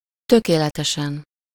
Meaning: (adverb) perfectly, flawlessly; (adjective) superessive singular of tökéletes
- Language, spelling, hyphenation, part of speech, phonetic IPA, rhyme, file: Hungarian, tökéletesen, tö‧ké‧le‧te‧sen, adverb / adjective, [ˈtøkeːlɛtɛʃɛn], -ɛn, Hu-tökéletesen.ogg